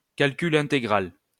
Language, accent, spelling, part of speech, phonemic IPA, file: French, France, calcul intégral, noun, /kal.ky.l‿ɛ̃.te.ɡʁal/, LL-Q150 (fra)-calcul intégral.wav
- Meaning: integral calculus